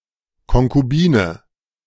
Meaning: concubine
- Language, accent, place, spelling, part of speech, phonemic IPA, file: German, Germany, Berlin, Konkubine, noun, /kɔŋkuˈbiːnə/, De-Konkubine.ogg